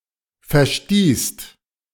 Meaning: second-person singular/plural preterite of verstoßen
- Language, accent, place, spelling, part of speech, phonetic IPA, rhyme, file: German, Germany, Berlin, verstießt, verb, [fɛɐ̯ˈʃtiːst], -iːst, De-verstießt.ogg